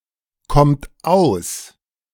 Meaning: inflection of auskommen: 1. third-person singular present 2. second-person plural present 3. plural imperative
- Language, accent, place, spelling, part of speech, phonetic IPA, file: German, Germany, Berlin, kommt aus, verb, [ˌkɔmt ˈaʊ̯s], De-kommt aus.ogg